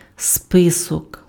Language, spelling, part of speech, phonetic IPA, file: Ukrainian, список, noun, [ˈspɪsɔk], Uk-список.ogg
- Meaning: 1. list, register, roll 2. manuscript copy, script